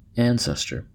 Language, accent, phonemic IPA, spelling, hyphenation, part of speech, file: English, US, /ˈæn.sɛs.tɚ/, ancestor, an‧ces‧tor, noun / verb, En-us-ancestor.ogg
- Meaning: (noun) 1. One from whom a person is descended, whether on the father's or mother's side, at any distance of time; a progenitor; a forefather; a forebear 2. An earlier type; a progenitor